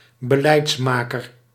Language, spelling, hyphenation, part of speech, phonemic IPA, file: Dutch, beleidsmaker, be‧leids‧ma‧ker, noun, /bəˈlɛi̯ts.maː.kər/, Nl-beleidsmaker.ogg
- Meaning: policy maker